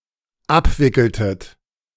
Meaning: inflection of abwickeln: 1. second-person plural dependent preterite 2. second-person plural dependent subjunctive II
- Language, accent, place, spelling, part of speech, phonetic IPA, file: German, Germany, Berlin, abwickeltet, verb, [ˈapˌvɪkl̩tət], De-abwickeltet.ogg